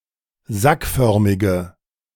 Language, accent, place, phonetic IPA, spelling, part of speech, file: German, Germany, Berlin, [ˈzakˌfœʁmɪɡə], sackförmige, adjective, De-sackförmige.ogg
- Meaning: inflection of sackförmig: 1. strong/mixed nominative/accusative feminine singular 2. strong nominative/accusative plural 3. weak nominative all-gender singular